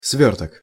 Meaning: 1. package, bundle, parcel 2. roll (that which is rolled up) 3. clot
- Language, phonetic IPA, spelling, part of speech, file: Russian, [ˈsvʲɵrtək], свёрток, noun, Ru-свёрток.ogg